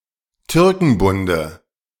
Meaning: dative of Türkenbund
- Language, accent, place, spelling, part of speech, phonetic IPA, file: German, Germany, Berlin, Türkenbunde, noun, [ˈtʏʁkŋ̩bʊndə], De-Türkenbunde.ogg